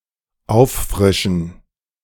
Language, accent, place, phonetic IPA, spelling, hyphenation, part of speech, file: German, Germany, Berlin, [ˈʔaʊ̯fˌfʁɪʃn̩], auffrischen, auf‧fri‧schen, verb, De-auffrischen.ogg
- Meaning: to refresh